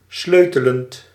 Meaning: present participle of sleutelen
- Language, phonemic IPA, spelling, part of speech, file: Dutch, /ˈsløtələnt/, sleutelend, verb, Nl-sleutelend.ogg